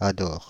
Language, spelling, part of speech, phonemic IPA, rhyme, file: French, adore, verb, /a.dɔʁ/, -ɔʁ, Fr-adore.ogg
- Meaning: inflection of adorer: 1. first/third-person singular present indicative/subjunctive 2. second-person singular imperative